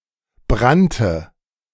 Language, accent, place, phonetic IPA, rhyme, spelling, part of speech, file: German, Germany, Berlin, [ˈbʁantə], -antə, brannte, verb, De-brannte.ogg
- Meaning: first/third-person singular preterite of brennen